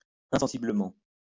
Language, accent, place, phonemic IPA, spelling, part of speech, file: French, France, Lyon, /ɛ̃.sɑ̃.si.blə.mɑ̃/, insensiblement, adverb, LL-Q150 (fra)-insensiblement.wav
- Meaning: 1. insensitively 2. imperceptibly